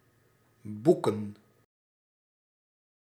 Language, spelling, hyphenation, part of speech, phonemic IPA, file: Dutch, boeken, boe‧ken, verb / noun, /ˈbu.kə(n)/, Nl-boeken.ogg
- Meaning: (verb) 1. to book, to reserve 2. to book, to register, to record 3. to achieve; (noun) plural of boek